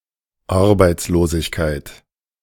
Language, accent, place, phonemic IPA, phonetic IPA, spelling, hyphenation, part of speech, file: German, Germany, Berlin, /ˈaʁbaɪ̯tsˌloːzɪçkaɪ̯t/, [ˈʔaʁbaɪ̯tsˌloːzɪçkʰaɪ̯tʰ], Arbeitslosigkeit, Ar‧beits‧lo‧sig‧keit, noun, De-Arbeitslosigkeit.ogg
- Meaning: unemployment, joblessness, worklessness